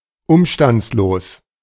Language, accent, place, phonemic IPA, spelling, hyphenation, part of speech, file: German, Germany, Berlin, /ˈʊmʃtant͡sloːs/, umstandslos, um‧stands‧los, adjective, De-umstandslos.ogg
- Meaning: 1. uncircumstantial 2. inconsequential